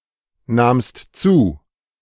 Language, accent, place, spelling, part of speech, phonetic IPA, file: German, Germany, Berlin, nahmst zu, verb, [ˌnaːmst ˈt͡suː], De-nahmst zu.ogg
- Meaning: second-person singular preterite of zunehmen